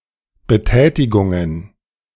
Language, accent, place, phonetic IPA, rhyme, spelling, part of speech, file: German, Germany, Berlin, [bəˈtɛːtɪɡʊŋən], -ɛːtɪɡʊŋən, Betätigungen, noun, De-Betätigungen.ogg
- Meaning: plural of Betätigung